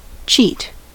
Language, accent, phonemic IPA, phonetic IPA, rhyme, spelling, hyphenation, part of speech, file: English, US, /ˈt͡ʃiːt/, [ˈt͡ʃʰɪi̯t], -iːt, cheat, cheat, verb / noun, En-us-cheat.ogg
- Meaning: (verb) To violate rules in order to gain, or attempt to gain, advantage from a situation